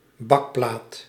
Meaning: baking tray
- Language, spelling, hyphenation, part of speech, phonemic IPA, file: Dutch, bakplaat, bak‧plaat, noun, /ˈbɑkplaːt/, Nl-bakplaat.ogg